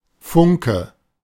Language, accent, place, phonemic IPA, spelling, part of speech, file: German, Germany, Berlin, /ˈfʊŋkə/, Funke, noun, De-Funke.ogg
- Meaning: spark